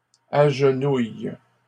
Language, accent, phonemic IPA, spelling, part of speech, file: French, Canada, /aʒ.nuj/, agenouillent, verb, LL-Q150 (fra)-agenouillent.wav
- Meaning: third-person plural present indicative/subjunctive of agenouiller